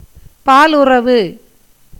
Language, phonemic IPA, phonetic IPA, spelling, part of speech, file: Tamil, /pɑːlʊrɐʋɯ/, [päːlʊrɐʋɯ], பாலுறவு, noun, Ta-பாலுறவு.ogg
- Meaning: sex, sexual intercourse